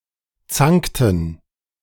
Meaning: inflection of zanken: 1. first/third-person plural preterite 2. first/third-person plural subjunctive II
- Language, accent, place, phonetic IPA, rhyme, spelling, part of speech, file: German, Germany, Berlin, [ˈt͡saŋktn̩], -aŋktn̩, zankten, verb, De-zankten.ogg